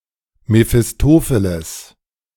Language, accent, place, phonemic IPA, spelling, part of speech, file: German, Germany, Berlin, /mefɪsˈtoːfelɛs/, Mephistopheles, proper noun, De-Mephistopheles.ogg
- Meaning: Mephistopheles